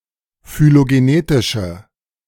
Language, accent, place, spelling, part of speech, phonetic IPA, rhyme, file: German, Germany, Berlin, phylogenetische, adjective, [fyloɡeˈneːtɪʃə], -eːtɪʃə, De-phylogenetische.ogg
- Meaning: inflection of phylogenetisch: 1. strong/mixed nominative/accusative feminine singular 2. strong nominative/accusative plural 3. weak nominative all-gender singular